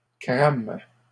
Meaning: third-person plural present indicative/subjunctive of cramer
- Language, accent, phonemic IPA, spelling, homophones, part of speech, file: French, Canada, /kʁam/, crament, crame / crames, verb, LL-Q150 (fra)-crament.wav